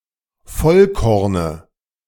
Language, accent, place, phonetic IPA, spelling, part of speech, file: German, Germany, Berlin, [ˈfɔlˌkɔʁnə], Vollkorne, noun, De-Vollkorne.ogg
- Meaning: dative of Vollkorn